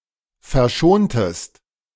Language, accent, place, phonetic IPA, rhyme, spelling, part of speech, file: German, Germany, Berlin, [fɛɐ̯ˈʃoːntəst], -oːntəst, verschontest, verb, De-verschontest.ogg
- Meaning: inflection of verschonen: 1. second-person singular preterite 2. second-person singular subjunctive II